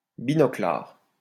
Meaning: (adjective) four-eyed (wearing glasses); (noun) four-eyes (person who wears glasses)
- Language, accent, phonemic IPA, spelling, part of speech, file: French, France, /bi.nɔ.klaʁ/, binoclard, adjective / noun, LL-Q150 (fra)-binoclard.wav